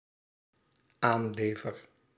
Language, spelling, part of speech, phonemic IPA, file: Dutch, aanlever, verb, /ˈanlevər/, Nl-aanlever.ogg
- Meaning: first-person singular dependent-clause present indicative of aanleveren